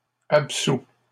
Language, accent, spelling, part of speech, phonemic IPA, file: French, Canada, absout, verb, /ap.su/, LL-Q150 (fra)-absout.wav
- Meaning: 1. past participle of absoudre 2. third-person singular present indicative of absoudre